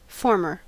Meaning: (adjective) Previous; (noun) 1. The first of aforementioned two items 2. Someone who forms something; a maker; a creator or founder
- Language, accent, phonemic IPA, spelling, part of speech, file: English, US, /ˈfɔɹmɚ/, former, adjective / noun, En-us-former.ogg